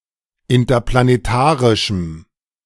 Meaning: strong dative masculine/neuter singular of interplanetarisch
- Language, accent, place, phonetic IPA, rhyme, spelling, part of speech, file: German, Germany, Berlin, [ɪntɐplaneˈtaːʁɪʃm̩], -aːʁɪʃm̩, interplanetarischem, adjective, De-interplanetarischem.ogg